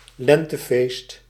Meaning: a spring festival (spring festival)
- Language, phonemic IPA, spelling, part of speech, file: Dutch, /ˈlɛntə.feːst/, lentefeest, noun, Nl-lentefeest.ogg